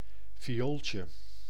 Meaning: 1. diminutive of viool: little violin 2. the common appellation, regardless of size, for any violet, an ornamental fragrant plant genus (including the pansy)
- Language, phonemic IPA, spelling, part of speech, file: Dutch, /ˌviˈoːl.tjə/, viooltje, noun, Nl-viooltje.ogg